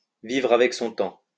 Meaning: to move with the times
- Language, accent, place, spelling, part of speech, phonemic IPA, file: French, France, Lyon, vivre avec son temps, verb, /vivʁ a.vɛk sɔ̃ tɑ̃/, LL-Q150 (fra)-vivre avec son temps.wav